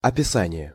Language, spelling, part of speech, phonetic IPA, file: Russian, описание, noun, [ɐpʲɪˈsanʲɪje], Ru-описание.ogg
- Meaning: description